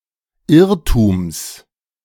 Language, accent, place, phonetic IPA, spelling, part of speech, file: German, Germany, Berlin, [ˈɪʁtuːms], Irrtums, noun, De-Irrtums.ogg
- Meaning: genitive singular of Irrtum